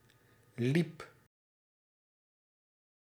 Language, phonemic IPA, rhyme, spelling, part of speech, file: Dutch, /lip/, -ip, liep, verb, Nl-liep.ogg
- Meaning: singular past indicative of lopen